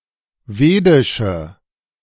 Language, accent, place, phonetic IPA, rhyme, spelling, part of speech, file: German, Germany, Berlin, [ˈveːdɪʃə], -eːdɪʃə, vedische, adjective, De-vedische.ogg
- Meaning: inflection of vedisch: 1. strong/mixed nominative/accusative feminine singular 2. strong nominative/accusative plural 3. weak nominative all-gender singular 4. weak accusative feminine/neuter singular